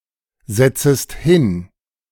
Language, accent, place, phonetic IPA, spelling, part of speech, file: German, Germany, Berlin, [ˌzɛt͡səst ˈhɪn], setzest hin, verb, De-setzest hin.ogg
- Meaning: second-person singular subjunctive I of hinsetzen